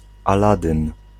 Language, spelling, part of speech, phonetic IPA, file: Polish, Aladyn, proper noun, [aˈladɨ̃n], Pl-Aladyn.ogg